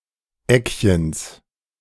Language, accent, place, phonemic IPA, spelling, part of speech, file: German, Germany, Berlin, /ˈɛkçəns/, Eckchens, noun, De-Eckchens.ogg
- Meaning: genitive of Eckchen